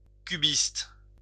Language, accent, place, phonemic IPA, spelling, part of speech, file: French, France, Lyon, /ky.bist/, cubiste, adjective / noun, LL-Q150 (fra)-cubiste.wav
- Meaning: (adjective) cubist